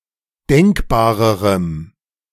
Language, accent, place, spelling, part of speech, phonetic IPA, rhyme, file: German, Germany, Berlin, denkbarerem, adjective, [ˈdɛŋkbaːʁəʁəm], -ɛŋkbaːʁəʁəm, De-denkbarerem.ogg
- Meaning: strong dative masculine/neuter singular comparative degree of denkbar